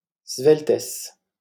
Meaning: slenderness, slimness
- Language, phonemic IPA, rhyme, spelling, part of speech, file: French, /svɛl.tɛs/, -ɛs, sveltesse, noun, LL-Q150 (fra)-sveltesse.wav